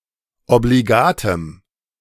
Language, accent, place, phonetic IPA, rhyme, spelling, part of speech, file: German, Germany, Berlin, [obliˈɡaːtəm], -aːtəm, obligatem, adjective, De-obligatem.ogg
- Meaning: strong dative masculine/neuter singular of obligat